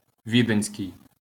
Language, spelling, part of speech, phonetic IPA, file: Ukrainian, віденський, adjective, [ˈʋʲidenʲsʲkei̯], LL-Q8798 (ukr)-віденський.wav
- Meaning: Viennese